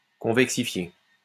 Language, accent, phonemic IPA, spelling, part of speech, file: French, France, /kɔ̃.vɛk.si.fje/, convexifier, verb, LL-Q150 (fra)-convexifier.wav
- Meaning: to convexify